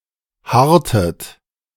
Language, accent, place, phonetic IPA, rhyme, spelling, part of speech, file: German, Germany, Berlin, [ˈhaʁtət], -aʁtət, harrtet, verb, De-harrtet.ogg
- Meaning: inflection of harren: 1. second-person plural preterite 2. second-person plural subjunctive II